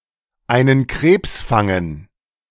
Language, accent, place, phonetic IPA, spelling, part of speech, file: German, Germany, Berlin, [ˈaɪ̯nən kʁeːps ˈfaŋən], einen Krebs fangen, verb, De-einen Krebs fangen.ogg
- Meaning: to catch a crab